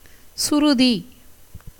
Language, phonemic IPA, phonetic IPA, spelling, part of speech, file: Tamil, /tʃʊɾʊd̪iː/, [sʊɾʊd̪iː], சுருதி, noun, Ta-சுருதி.ogg
- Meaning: 1. ear 2. sound, tone 3. pitch of a tune, keynote, shruti 4. fame 5. rumour